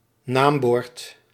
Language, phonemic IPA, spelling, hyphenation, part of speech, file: Dutch, /ˈnaːm.bɔrt/, naambord, naam‧bord, noun, Nl-naambord.ogg
- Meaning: nameplate